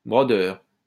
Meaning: embroiderer
- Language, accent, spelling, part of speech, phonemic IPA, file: French, France, brodeur, noun, /bʁɔ.dœʁ/, LL-Q150 (fra)-brodeur.wav